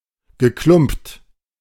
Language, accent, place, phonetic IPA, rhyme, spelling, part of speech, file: German, Germany, Berlin, [ɡəˈklʊmpt], -ʊmpt, geklumpt, verb, De-geklumpt.ogg
- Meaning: past participle of klumpen